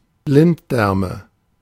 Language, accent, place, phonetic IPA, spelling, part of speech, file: German, Germany, Berlin, [ˈblɪntˌdɛʁmə], Blinddärme, noun, De-Blinddärme.ogg
- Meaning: nominative/accusative/genitive plural of Blinddarm